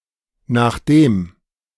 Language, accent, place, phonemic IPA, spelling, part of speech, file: German, Germany, Berlin, /naːxˈdeːm/, nachdem, conjunction, De-nachdem.ogg
- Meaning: 1. after (that) 2. given that, being that